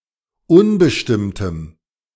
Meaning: strong dative masculine/neuter singular of unbestimmt
- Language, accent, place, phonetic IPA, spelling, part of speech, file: German, Germany, Berlin, [ˈʊnbəʃtɪmtəm], unbestimmtem, adjective, De-unbestimmtem.ogg